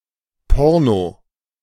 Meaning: porn / a porn movie
- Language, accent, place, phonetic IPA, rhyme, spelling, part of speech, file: German, Germany, Berlin, [ˈpɔʁno], -ɔʁno, Porno, noun, De-Porno.ogg